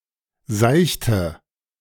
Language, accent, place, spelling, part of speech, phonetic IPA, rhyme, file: German, Germany, Berlin, seichte, adjective / verb, [ˈzaɪ̯çtə], -aɪ̯çtə, De-seichte.ogg
- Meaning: inflection of seicht: 1. strong/mixed nominative/accusative feminine singular 2. strong nominative/accusative plural 3. weak nominative all-gender singular 4. weak accusative feminine/neuter singular